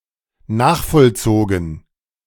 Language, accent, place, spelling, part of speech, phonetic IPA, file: German, Germany, Berlin, nachvollzogen, verb, [ˈnaːxfɔlˌt͡soːɡn̩], De-nachvollzogen.ogg
- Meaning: past participle of nachvollziehen